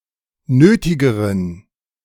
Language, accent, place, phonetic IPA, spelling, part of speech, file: German, Germany, Berlin, [ˈnøːtɪɡəʁən], nötigeren, adjective, De-nötigeren.ogg
- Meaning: inflection of nötig: 1. strong genitive masculine/neuter singular comparative degree 2. weak/mixed genitive/dative all-gender singular comparative degree